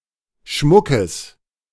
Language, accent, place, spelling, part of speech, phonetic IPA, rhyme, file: German, Germany, Berlin, Schmuckes, noun, [ˈʃmʊkəs], -ʊkəs, De-Schmuckes.ogg
- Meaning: genitive singular of Schmuck